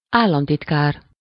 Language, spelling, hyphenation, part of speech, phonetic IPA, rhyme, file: Hungarian, államtitkár, ál‧lam‧tit‧kár, noun, [ˈaːlːɒmtitkaːr], -aːr, Hu-államtitkár.ogg
- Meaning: undersecretary (of state), minister of state